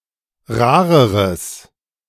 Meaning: strong/mixed nominative/accusative neuter singular comparative degree of rar
- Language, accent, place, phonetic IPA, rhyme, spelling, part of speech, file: German, Germany, Berlin, [ˈʁaːʁəʁəs], -aːʁəʁəs, rareres, adjective, De-rareres.ogg